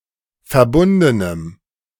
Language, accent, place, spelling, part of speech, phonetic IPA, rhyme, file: German, Germany, Berlin, verbundenem, adjective, [fɛɐ̯ˈbʊndənəm], -ʊndənəm, De-verbundenem.ogg
- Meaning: strong dative masculine/neuter singular of verbunden